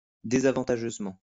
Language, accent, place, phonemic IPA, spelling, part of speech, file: French, France, Lyon, /de.za.vɑ̃.ta.ʒøz.mɑ̃/, désavantageusement, adverb, LL-Q150 (fra)-désavantageusement.wav
- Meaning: disadvantageously